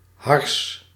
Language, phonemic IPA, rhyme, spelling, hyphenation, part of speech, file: Dutch, /ɦɑrs/, -ɑrs, hars, hars, noun, Nl-hars.ogg
- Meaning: resin